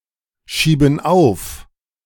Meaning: inflection of aufschieben: 1. first/third-person plural present 2. first/third-person plural subjunctive I
- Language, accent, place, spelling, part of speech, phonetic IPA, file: German, Germany, Berlin, schieben auf, verb, [ˌʃiːbn̩ ˈaʊ̯f], De-schieben auf.ogg